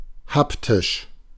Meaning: haptic (relating to the sense of touch)
- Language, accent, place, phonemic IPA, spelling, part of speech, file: German, Germany, Berlin, /ˈhaptɪʃ/, haptisch, adjective, De-haptisch.ogg